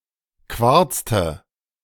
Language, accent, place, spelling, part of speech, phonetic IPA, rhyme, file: German, Germany, Berlin, quarzte, verb, [ˈkvaʁt͡stə], -aʁt͡stə, De-quarzte.ogg
- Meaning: inflection of quarzen: 1. first/third-person singular preterite 2. first/third-person singular subjunctive II